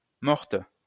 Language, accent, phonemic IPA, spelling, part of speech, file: French, France, /mɔʁt/, morte, adjective / verb, LL-Q150 (fra)-morte.wav
- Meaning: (adjective) feminine singular of mort